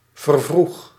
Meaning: inflection of vervroegen: 1. first-person singular present indicative 2. second-person singular present indicative 3. imperative
- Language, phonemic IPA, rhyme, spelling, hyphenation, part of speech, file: Dutch, /vərˈvrux/, -ux, vervroeg, ver‧vroeg, verb, Nl-vervroeg.ogg